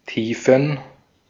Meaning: plural of Tiefe
- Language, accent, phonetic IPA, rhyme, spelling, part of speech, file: German, Austria, [ˈtiːfn̩], -iːfn̩, Tiefen, noun, De-at-Tiefen.ogg